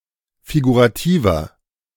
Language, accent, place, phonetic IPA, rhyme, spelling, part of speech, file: German, Germany, Berlin, [fiɡuʁaˈtiːvɐ], -iːvɐ, figurativer, adjective, De-figurativer.ogg
- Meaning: inflection of figurativ: 1. strong/mixed nominative masculine singular 2. strong genitive/dative feminine singular 3. strong genitive plural